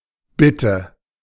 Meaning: request, plea
- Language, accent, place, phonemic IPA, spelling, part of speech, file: German, Germany, Berlin, /ˈbɪtə/, Bitte, noun, De-Bitte.ogg